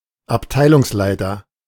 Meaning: manager (of a department)
- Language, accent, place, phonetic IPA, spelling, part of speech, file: German, Germany, Berlin, [apˈtaɪ̯lʊŋsˌlaɪ̯tɐ], Abteilungsleiter, noun, De-Abteilungsleiter.ogg